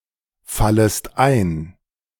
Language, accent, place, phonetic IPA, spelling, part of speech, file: German, Germany, Berlin, [ˌfaləst ˈaɪ̯n], fallest ein, verb, De-fallest ein.ogg
- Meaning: second-person singular subjunctive I of einfallen